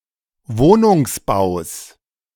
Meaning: genitive singular of Wohnungsbau
- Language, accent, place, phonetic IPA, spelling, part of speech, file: German, Germany, Berlin, [ˈvoːnʊŋsˌbaʊ̯s], Wohnungsbaus, noun, De-Wohnungsbaus.ogg